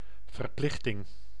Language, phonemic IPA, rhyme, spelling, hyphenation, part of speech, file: Dutch, /vərˈplɪx.tɪŋ/, -ɪxtɪŋ, verplichting, ver‧plich‧ting, noun, Nl-verplichting.ogg
- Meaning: 1. obligation 2. commitment